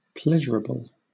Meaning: That gives pleasure
- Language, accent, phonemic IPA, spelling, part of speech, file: English, Southern England, /ˈplɛʒəɹəbəl/, pleasurable, adjective, LL-Q1860 (eng)-pleasurable.wav